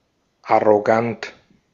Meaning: arrogant
- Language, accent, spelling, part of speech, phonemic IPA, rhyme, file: German, Austria, arrogant, adjective, /aʁoˈɡant/, -ant, De-at-arrogant.ogg